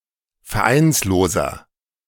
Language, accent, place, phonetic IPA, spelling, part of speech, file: German, Germany, Berlin, [fɛɐ̯ˈʔaɪ̯nsloːzɐ], vereinsloser, adjective, De-vereinsloser.ogg
- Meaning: inflection of vereinslos: 1. strong/mixed nominative masculine singular 2. strong genitive/dative feminine singular 3. strong genitive plural